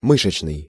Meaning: muscle; muscular
- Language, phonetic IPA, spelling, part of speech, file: Russian, [ˈmɨʂɨt͡ɕnɨj], мышечный, adjective, Ru-мышечный.ogg